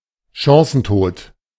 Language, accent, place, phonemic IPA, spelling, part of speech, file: German, Germany, Berlin, /ˈʃãːsənˌtoːt/, Chancentod, noun, De-Chancentod.ogg
- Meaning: a player who habitually misses good chances to score; a bad finisher